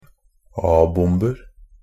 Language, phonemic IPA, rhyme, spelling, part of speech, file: Norwegian Bokmål, /ˈɑːbʊmbər/, -ər, a-bomber, noun, NB - Pronunciation of Norwegian Bokmål «a-bomber».ogg
- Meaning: indefinite plural of a-bombe